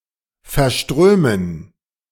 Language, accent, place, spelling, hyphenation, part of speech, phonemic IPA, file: German, Germany, Berlin, verströmen, ver‧strö‧men, verb, /fɛrˈʃtʁøːmən/, De-verströmen.ogg
- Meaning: to exude, to radiate or give off, to shed